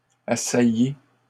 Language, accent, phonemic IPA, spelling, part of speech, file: French, Canada, /a.sa.ji/, assailli, verb, LL-Q150 (fra)-assailli.wav
- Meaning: past participle of assaillir